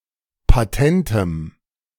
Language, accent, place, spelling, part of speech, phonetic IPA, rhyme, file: German, Germany, Berlin, patentem, adjective, [paˈtɛntəm], -ɛntəm, De-patentem.ogg
- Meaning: strong dative masculine/neuter singular of patent